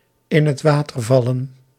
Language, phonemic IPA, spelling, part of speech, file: Dutch, /ˌɪnətˈwatərˌvɑlə(n)/, in het water vallen, verb, Nl-in het water vallen.ogg
- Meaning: to fall through, to fail